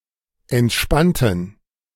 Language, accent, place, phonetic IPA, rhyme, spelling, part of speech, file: German, Germany, Berlin, [ɛntˈʃpantn̩], -antn̩, entspannten, adjective / verb, De-entspannten.ogg
- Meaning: inflection of entspannen: 1. first/third-person plural preterite 2. first/third-person plural subjunctive II